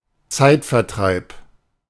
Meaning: pastime
- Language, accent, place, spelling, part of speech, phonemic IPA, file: German, Germany, Berlin, Zeitvertreib, noun, /ˈt͡saɪ̯tfɛɐ̯ˌtʁaɪ̯p/, De-Zeitvertreib.ogg